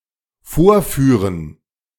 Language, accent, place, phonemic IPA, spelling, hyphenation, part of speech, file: German, Germany, Berlin, /ˈfoːɐ̯ˌfyːʁən/, vorführen, vor‧füh‧ren, verb, De-vorführen.ogg
- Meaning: 1. to show, demonstrate 2. to perform 3. to show up someone (to make visible or expose faults and deficiencies in, usually by outdoing, outperforming, or outcompeting another)